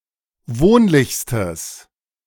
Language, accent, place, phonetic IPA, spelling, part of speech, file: German, Germany, Berlin, [ˈvoːnlɪçstəs], wohnlichstes, adjective, De-wohnlichstes.ogg
- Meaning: strong/mixed nominative/accusative neuter singular superlative degree of wohnlich